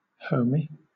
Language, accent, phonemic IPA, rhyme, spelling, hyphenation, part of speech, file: English, Southern England, /ˈhəʊ.mi/, -əʊmi, homie, hom‧ie, noun, LL-Q1860 (eng)-homie.wav
- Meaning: 1. Someone, particularly a friend or male acquaintance, from one's hometown 2. A close friend or fellow member of a youth gang 3. An inner-city youth 4. Alternative spelling of omi (“man”)